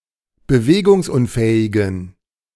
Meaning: inflection of bewegungsunfähig: 1. strong genitive masculine/neuter singular 2. weak/mixed genitive/dative all-gender singular 3. strong/weak/mixed accusative masculine singular
- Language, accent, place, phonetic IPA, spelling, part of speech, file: German, Germany, Berlin, [bəˈveːɡʊŋsˌʔʊnfɛːɪɡn̩], bewegungsunfähigen, adjective, De-bewegungsunfähigen.ogg